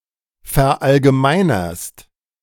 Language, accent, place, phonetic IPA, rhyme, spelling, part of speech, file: German, Germany, Berlin, [fɛɐ̯ʔalɡəˈmaɪ̯nɐst], -aɪ̯nɐst, verallgemeinerst, verb, De-verallgemeinerst.ogg
- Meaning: second-person singular present of verallgemeinern